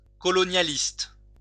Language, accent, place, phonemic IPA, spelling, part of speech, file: French, France, Lyon, /kɔ.lɔ.nja.list/, colonialiste, noun / adjective, LL-Q150 (fra)-colonialiste.wav
- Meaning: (noun) colonialist